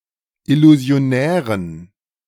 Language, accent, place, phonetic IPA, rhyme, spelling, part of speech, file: German, Germany, Berlin, [ɪluzi̯oˈnɛːʁən], -ɛːʁən, illusionären, adjective, De-illusionären.ogg
- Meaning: inflection of illusionär: 1. strong genitive masculine/neuter singular 2. weak/mixed genitive/dative all-gender singular 3. strong/weak/mixed accusative masculine singular 4. strong dative plural